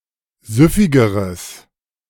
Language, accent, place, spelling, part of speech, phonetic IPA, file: German, Germany, Berlin, süffigeres, adjective, [ˈzʏfɪɡəʁəs], De-süffigeres.ogg
- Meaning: strong/mixed nominative/accusative neuter singular comparative degree of süffig